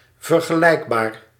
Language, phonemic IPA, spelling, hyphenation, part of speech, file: Dutch, /vər.ɣəˈlɛi̯k.baːr/, vergelijkbaar, ver‧ge‧lijk‧baar, adjective, Nl-vergelijkbaar.ogg
- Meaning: comparable